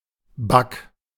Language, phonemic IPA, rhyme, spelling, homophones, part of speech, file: German, /bak/, -ak, Back, back, noun / proper noun, De-Back.ogg
- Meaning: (noun) 1. forecastle (raised part of the upper deck) 2. a large wooden bowl in which the meal is served 3. a dining table used by the crew of a ship, often foldable; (proper noun) a surname